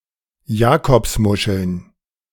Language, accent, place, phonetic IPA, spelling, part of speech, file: German, Germany, Berlin, [ˈjaːkɔpsˌmʊʃl̩n], Jakobsmuscheln, noun, De-Jakobsmuscheln.ogg
- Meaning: plural of Jakobsmuschel